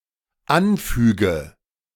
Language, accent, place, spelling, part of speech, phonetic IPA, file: German, Germany, Berlin, anfüge, verb, [ˈanˌfyːɡə], De-anfüge.ogg
- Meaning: inflection of anfügen: 1. first-person singular dependent present 2. first/third-person singular dependent subjunctive I